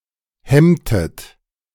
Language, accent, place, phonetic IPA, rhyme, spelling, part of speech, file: German, Germany, Berlin, [ˈhɛmtət], -ɛmtət, hemmtet, verb, De-hemmtet.ogg
- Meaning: inflection of hemmen: 1. second-person plural preterite 2. second-person plural subjunctive II